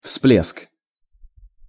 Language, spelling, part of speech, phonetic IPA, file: Russian, всплеск, noun, [fsplʲesk], Ru-всплеск.ogg
- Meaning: 1. splash 2. bump, burst, flash